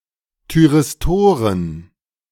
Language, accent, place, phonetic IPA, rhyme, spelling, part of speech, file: German, Germany, Berlin, [tyʁɪsˈtoːʁən], -oːʁən, Thyristoren, noun, De-Thyristoren.ogg
- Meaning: plural of Thyristor